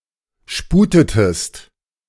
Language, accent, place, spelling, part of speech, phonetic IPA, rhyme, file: German, Germany, Berlin, sputetest, verb, [ˈʃpuːtətəst], -uːtətəst, De-sputetest.ogg
- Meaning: inflection of sputen: 1. second-person singular preterite 2. second-person singular subjunctive II